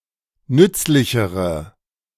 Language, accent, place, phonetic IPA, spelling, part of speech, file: German, Germany, Berlin, [ˈnʏt͡slɪçəʁə], nützlichere, adjective, De-nützlichere.ogg
- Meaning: inflection of nützlich: 1. strong/mixed nominative/accusative feminine singular comparative degree 2. strong nominative/accusative plural comparative degree